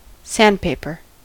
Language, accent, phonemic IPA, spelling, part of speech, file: English, US, /ˈsændˌpeɪpɚ/, sandpaper, noun / verb, En-us-sandpaper.ogg
- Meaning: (noun) 1. Strong paper coated with (traditionally) sand or (today) manufactured aluminum oxide, silicon carbide, or other abrasive material, used for smoothing and polishing 2. A sheet of such paper